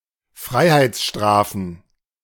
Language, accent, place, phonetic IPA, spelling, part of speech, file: German, Germany, Berlin, [ˈfʁaɪ̯haɪ̯t͡sˌʃtʁaːfn̩], Freiheitsstrafen, noun, De-Freiheitsstrafen.ogg
- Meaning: plural of Freiheitsstrafe